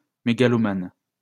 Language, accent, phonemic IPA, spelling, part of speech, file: French, France, /me.ɡa.lɔ.man/, mégalomane, noun, LL-Q150 (fra)-mégalomane.wav
- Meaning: megalomaniac